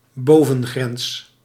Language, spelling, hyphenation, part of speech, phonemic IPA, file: Dutch, bovengrens, bo‧ven‧grens, noun, /ˈboː.və(n)ˌɣrɛns/, Nl-bovengrens.ogg
- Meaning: upper limit, upper border